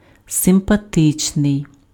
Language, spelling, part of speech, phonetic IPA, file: Ukrainian, симпатичний, adjective, [sempɐˈtɪt͡ʃnei̯], Uk-симпатичний.ogg
- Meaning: 1. nice, likable 2. sympathetic